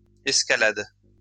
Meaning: second-person singular present indicative/subjunctive of escalader
- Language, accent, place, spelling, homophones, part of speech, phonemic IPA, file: French, France, Lyon, escalades, escalade / escaladent, verb, /ɛs.ka.lad/, LL-Q150 (fra)-escalades.wav